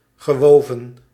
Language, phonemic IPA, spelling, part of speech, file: Dutch, /ɣəˈwovə(n)/, gewoven, verb, Nl-gewoven.ogg
- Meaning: past participle of wuiven